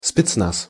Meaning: Spetsnaz
- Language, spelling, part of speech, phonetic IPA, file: Russian, спецназ, noun, [spʲɪt͡sˈnas], Ru-спецназ.ogg